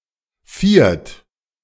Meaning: only used in zu viert
- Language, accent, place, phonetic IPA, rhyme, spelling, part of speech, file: German, Germany, Berlin, [fiːɐ̯t], -iːɐ̯t, viert, numeral, De-viert.ogg